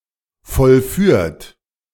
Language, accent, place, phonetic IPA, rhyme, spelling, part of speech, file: German, Germany, Berlin, [fɔlˈfyːɐ̯t], -yːɐ̯t, vollführt, verb, De-vollführt.ogg
- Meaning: 1. past participle of vollführen 2. inflection of vollführen: third-person singular present 3. inflection of vollführen: second-person plural present 4. inflection of vollführen: plural imperative